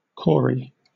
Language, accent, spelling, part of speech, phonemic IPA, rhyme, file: English, Southern England, Cory, proper noun, /ˈkɔː.ɹi/, -ɔːɹi, LL-Q1860 (eng)-Cory.wav
- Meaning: 1. An English surname from Old Norse, a variant of Corey 2. A male given name transferred from the surname, variant of Corey